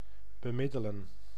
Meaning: to mediate
- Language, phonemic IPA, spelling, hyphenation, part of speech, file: Dutch, /bəˈmɪdələ(n)/, bemiddelen, be‧mid‧de‧len, verb, Nl-bemiddelen.ogg